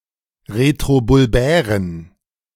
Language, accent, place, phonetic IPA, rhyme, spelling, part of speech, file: German, Germany, Berlin, [ʁetʁobʊlˈbɛːʁən], -ɛːʁən, retrobulbären, adjective, De-retrobulbären.ogg
- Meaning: inflection of retrobulbär: 1. strong genitive masculine/neuter singular 2. weak/mixed genitive/dative all-gender singular 3. strong/weak/mixed accusative masculine singular 4. strong dative plural